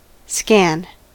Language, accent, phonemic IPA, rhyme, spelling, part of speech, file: English, US, /skæn/, -æn, scan, verb / noun, En-us-scan.ogg
- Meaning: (verb) To examine sequentially, carefully, or critically; to scrutinize; to behold closely